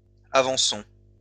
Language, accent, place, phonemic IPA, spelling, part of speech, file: French, France, Lyon, /a.vɑ̃.sɔ̃/, avançons, noun / verb, LL-Q150 (fra)-avançons.wav
- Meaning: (noun) plural of avançon; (verb) inflection of avancer: 1. first-person plural present indicative 2. first-person plural imperative